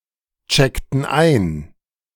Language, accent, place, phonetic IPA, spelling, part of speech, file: German, Germany, Berlin, [ˌt͡ʃɛktn̩ ˈaɪ̯n], checkten ein, verb, De-checkten ein.ogg
- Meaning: inflection of einchecken: 1. first/third-person plural preterite 2. first/third-person plural subjunctive II